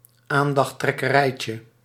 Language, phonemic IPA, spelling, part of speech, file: Dutch, /ˈandɑxˌtrɛkəˌrɛicə/, aandachttrekkerijtje, noun, Nl-aandachttrekkerijtje.ogg
- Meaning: diminutive of aandachttrekkerij